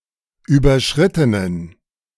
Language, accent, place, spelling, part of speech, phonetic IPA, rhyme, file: German, Germany, Berlin, überschrittenen, adjective, [ˌyːbɐˈʃʁɪtənən], -ɪtənən, De-überschrittenen.ogg
- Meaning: inflection of überschritten: 1. strong genitive masculine/neuter singular 2. weak/mixed genitive/dative all-gender singular 3. strong/weak/mixed accusative masculine singular 4. strong dative plural